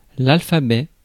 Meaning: alphabet (set of letters considered as a group)
- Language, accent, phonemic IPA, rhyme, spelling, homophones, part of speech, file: French, France, /al.fa.bɛ/, -ɛ, alphabet, alphabets, noun, Fr-alphabet.ogg